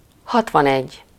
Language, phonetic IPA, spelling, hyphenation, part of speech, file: Hungarian, [ˈhɒtvɒnɛɟː], hatvanegy, hat‧van‧egy, numeral, Hu-hatvanegy.ogg
- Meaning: sixty-one